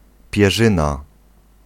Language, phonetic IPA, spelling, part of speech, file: Polish, [pʲjɛˈʒɨ̃na], pierzyna, noun, Pl-pierzyna.ogg